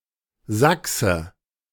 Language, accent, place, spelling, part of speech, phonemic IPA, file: German, Germany, Berlin, Sachse, noun, /ˈzaksə/, De-Sachse.ogg
- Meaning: 1. Saxon (native or inhabitant of Saxony, Germany) (usually male) 2. Saxon a member of the medieval tribe which Roman authors called Saxones